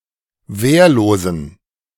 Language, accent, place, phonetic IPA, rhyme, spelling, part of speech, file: German, Germany, Berlin, [ˈveːɐ̯loːzn̩], -eːɐ̯loːzn̩, wehrlosen, adjective, De-wehrlosen.ogg
- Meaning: inflection of wehrlos: 1. strong genitive masculine/neuter singular 2. weak/mixed genitive/dative all-gender singular 3. strong/weak/mixed accusative masculine singular 4. strong dative plural